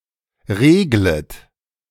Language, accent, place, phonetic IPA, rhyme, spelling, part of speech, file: German, Germany, Berlin, [ˈʁeːɡlət], -eːɡlət, reglet, verb, De-reglet.ogg
- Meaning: second-person plural subjunctive I of regeln